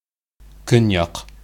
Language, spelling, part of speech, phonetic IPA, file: Bashkir, көньяҡ, noun, [ˈkʏ̞nˌjɑq], Ba-көньяҡ.ogg
- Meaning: south